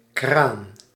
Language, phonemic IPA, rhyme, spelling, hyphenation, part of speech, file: Dutch, /kraːn/, -aːn, kraan, kraan, noun, Nl-kraan.ogg
- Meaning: 1. crane (machine for lifting) 2. tap, faucet 3. synonym of kraanvogel (“crane (bird)”) 4. a strong, manly man